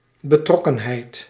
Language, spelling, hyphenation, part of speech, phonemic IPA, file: Dutch, betrokkenheid, be‧trok‧ken‧heid, noun, /bəˈtrɔ.kə(n)ˌɦɛi̯t/, Nl-betrokkenheid.ogg
- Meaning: 1. involvement, implication (e.g. in a crime) 2. commitment